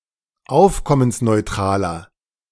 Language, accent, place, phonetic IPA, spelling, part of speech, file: German, Germany, Berlin, [ˈaʊ̯fkɔmənsnɔɪ̯ˌtʁaːlɐ], aufkommensneutraler, adjective, De-aufkommensneutraler.ogg
- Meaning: inflection of aufkommensneutral: 1. strong/mixed nominative masculine singular 2. strong genitive/dative feminine singular 3. strong genitive plural